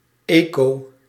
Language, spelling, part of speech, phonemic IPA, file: Dutch, eco-, prefix, /ˈeː.koː/, Nl-eco-.ogg
- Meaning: eco-